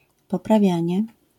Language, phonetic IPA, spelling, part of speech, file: Polish, [ˌpɔpraˈvʲjä̃ɲɛ], poprawianie, noun, LL-Q809 (pol)-poprawianie.wav